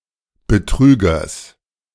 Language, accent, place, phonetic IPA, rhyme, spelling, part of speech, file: German, Germany, Berlin, [bəˈtʁyːɡɐs], -yːɡɐs, Betrügers, noun, De-Betrügers.ogg
- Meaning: genitive singular of Betrüger